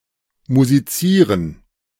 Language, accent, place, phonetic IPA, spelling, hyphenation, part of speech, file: German, Germany, Berlin, [muziˈt͡siːʁən], musizieren, mu‧si‧zie‧ren, verb, De-musizieren.ogg
- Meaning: to make music